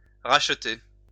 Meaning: 1. to buy back 2. to buy out, buy off 3. to ransom 4. to redeem (from sin) 5. to make amends
- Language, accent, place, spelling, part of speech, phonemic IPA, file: French, France, Lyon, racheter, verb, /ʁaʃ.te/, LL-Q150 (fra)-racheter.wav